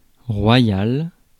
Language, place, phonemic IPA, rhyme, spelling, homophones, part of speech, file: French, Paris, /ʁwa.jal/, -al, royal, royale / royales, adjective, Fr-royal.ogg
- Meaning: royal